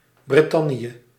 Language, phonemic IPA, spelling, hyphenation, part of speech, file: Dutch, /ˌbrɪˈtɑ.ni.ə/, Brittannië, Brit‧tan‧nië, proper noun, Nl-Brittannië.ogg
- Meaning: Britain (the United Kingdom, a kingdom and country in Northern Europe including the island of Great Britain as well as Northern Ireland on the northeastern portion of the island of Ireland)